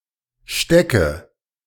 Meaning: inflection of stecken: 1. first-person singular present 2. singular imperative 3. first/third-person singular subjunctive I
- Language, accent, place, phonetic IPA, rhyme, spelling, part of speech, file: German, Germany, Berlin, [ˈʃtɛkə], -ɛkə, stecke, verb, De-stecke.ogg